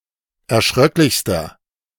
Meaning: inflection of erschröcklich: 1. strong/mixed nominative masculine singular superlative degree 2. strong genitive/dative feminine singular superlative degree
- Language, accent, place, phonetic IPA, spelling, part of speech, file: German, Germany, Berlin, [ɛɐ̯ˈʃʁœklɪçstɐ], erschröcklichster, adjective, De-erschröcklichster.ogg